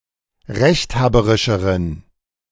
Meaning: inflection of rechthaberisch: 1. strong genitive masculine/neuter singular comparative degree 2. weak/mixed genitive/dative all-gender singular comparative degree
- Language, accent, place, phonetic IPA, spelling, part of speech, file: German, Germany, Berlin, [ˈʁɛçtˌhaːbəʁɪʃəʁən], rechthaberischeren, adjective, De-rechthaberischeren.ogg